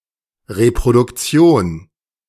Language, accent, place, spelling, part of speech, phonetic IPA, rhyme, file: German, Germany, Berlin, Reproduktion, noun, [ʁepʁodʊkˈt͡si̯oːn], -oːn, De-Reproduktion.ogg
- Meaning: 1. reproduction, replication 2. facsimile